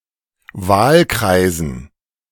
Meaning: dative plural of Wahlkreis
- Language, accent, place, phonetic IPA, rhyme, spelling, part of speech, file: German, Germany, Berlin, [ˈvaːlˌkʁaɪ̯zn̩], -aːlkʁaɪ̯zn̩, Wahlkreisen, noun, De-Wahlkreisen.ogg